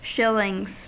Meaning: plural of shilling
- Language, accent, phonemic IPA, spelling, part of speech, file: English, US, /ˈʃɪlɪŋz/, shillings, noun, En-us-shillings.ogg